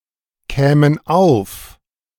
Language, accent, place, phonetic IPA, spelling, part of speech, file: German, Germany, Berlin, [ˌkɛːmən ˈaʊ̯f], kämen auf, verb, De-kämen auf.ogg
- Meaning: first/third-person plural subjunctive II of aufkommen